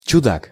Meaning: an oddball, eccentric, weirdo
- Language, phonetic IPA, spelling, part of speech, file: Russian, [t͡ɕʊˈdak], чудак, noun, Ru-чудак.ogg